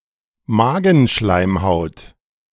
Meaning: gastric mucosa
- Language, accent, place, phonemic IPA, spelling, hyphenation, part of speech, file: German, Germany, Berlin, /ˈmaːɡn̩ˌʃlaɪ̯mhaʊ̯t/, Magenschleimhaut, Ma‧gen‧schleim‧haut, noun, De-Magenschleimhaut.ogg